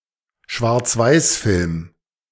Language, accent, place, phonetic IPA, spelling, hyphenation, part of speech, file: German, Germany, Berlin, [ʃvaʁt͡sˈvaɪ̯sˌfɪlm], Schwarzweißfilm, Schwarz‧weiß‧film, noun, De-Schwarzweißfilm.ogg
- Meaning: 1. black-and-white movie 2. black-and-white film